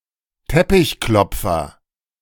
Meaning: carpet beater
- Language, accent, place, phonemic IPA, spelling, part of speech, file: German, Germany, Berlin, /ˈtɛpɪçˌklɔpfɐ/, Teppichklopfer, noun, De-Teppichklopfer.ogg